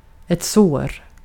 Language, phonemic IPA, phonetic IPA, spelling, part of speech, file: Swedish, /soːr/, [s̪oə̯r], sår, noun / verb, Sv-sår.ogg
- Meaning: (noun) 1. a wound, a puncture of the skin or a mucous membrane 2. an ulcer; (verb) present indicative of så